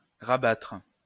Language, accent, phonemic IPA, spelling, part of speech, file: French, France, /ʁa.batʁ/, rabattre, verb, LL-Q150 (fra)-rabattre.wav
- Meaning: 1. to make something lower 2. to close, shut (down) 3. to fold over (covers, curtains etc.) 4. to turn down (a collar) 5. to pull down (a skirt) 6. to reduce, deduct, diminish